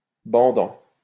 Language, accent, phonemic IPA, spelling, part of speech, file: French, France, /bɑ̃.dɑ̃/, bandant, adjective / verb, LL-Q150 (fra)-bandant.wav
- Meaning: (adjective) sexy, thrilling, a turn-on; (verb) present participle of bander